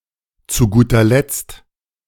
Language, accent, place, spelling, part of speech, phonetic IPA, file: German, Germany, Berlin, zu guter Letzt, phrase, [t͡suː ˈɡuːtɐ lɛt͡st], De-zu guter Letzt.ogg
- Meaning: finally, last but not least